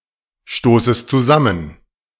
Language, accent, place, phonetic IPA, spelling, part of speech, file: German, Germany, Berlin, [ˌʃtoːsəst t͡suˈzamən], stoßest zusammen, verb, De-stoßest zusammen.ogg
- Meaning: second-person singular subjunctive I of zusammenstoßen